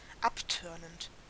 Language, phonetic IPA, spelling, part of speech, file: German, [ˈapˌtœʁnənt], abtörnend, adjective / verb, De-abtörnend.ogg
- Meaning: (verb) present participle of abtörnen; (adjective) repulsive, revolting